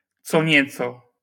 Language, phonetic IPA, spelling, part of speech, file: Polish, [ˈt͡sɔ ˈɲɛt͡sɔ], co nieco, noun, LL-Q809 (pol)-co nieco.wav